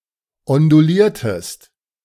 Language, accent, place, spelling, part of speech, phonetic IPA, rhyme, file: German, Germany, Berlin, onduliertest, verb, [ɔnduˈliːɐ̯təst], -iːɐ̯təst, De-onduliertest.ogg
- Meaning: inflection of ondulieren: 1. second-person singular preterite 2. second-person singular subjunctive II